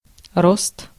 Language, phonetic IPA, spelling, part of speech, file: Russian, [rost], рост, noun, Ru-рост.ogg
- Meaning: 1. growth (in a living organism) 2. growth, increase, rise (in a quantity, price, etc.) 3. height, stature